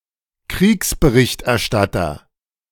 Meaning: war correspondent, war reporter
- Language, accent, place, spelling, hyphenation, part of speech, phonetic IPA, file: German, Germany, Berlin, Kriegsberichterstatter, Kriegs‧be‧richt‧er‧stat‧ter, noun, [ˈkʁiːksbəʁɪçtʔɛɐ̯ˌʃtatɐ], De-Kriegsberichterstatter.ogg